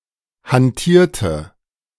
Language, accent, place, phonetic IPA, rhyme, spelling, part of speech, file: German, Germany, Berlin, [hanˈtiːɐ̯tə], -iːɐ̯tə, hantierte, verb, De-hantierte.ogg
- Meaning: inflection of hantieren: 1. first/third-person singular preterite 2. first/third-person singular subjunctive II